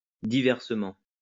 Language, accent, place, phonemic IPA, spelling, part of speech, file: French, France, Lyon, /di.vɛʁ.sə.mɑ̃/, diversement, adverb, LL-Q150 (fra)-diversement.wav
- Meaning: diversely